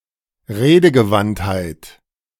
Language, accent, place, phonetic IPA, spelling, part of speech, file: German, Germany, Berlin, [ˈʁeːdəɡəˌvanthaɪ̯t], Redegewandtheit, noun, De-Redegewandtheit.ogg
- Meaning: eloquence